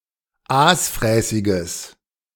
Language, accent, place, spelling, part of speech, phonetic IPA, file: German, Germany, Berlin, aasfräßiges, adjective, [ˈaːsˌfʁɛːsɪɡəs], De-aasfräßiges.ogg
- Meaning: strong/mixed nominative/accusative neuter singular of aasfräßig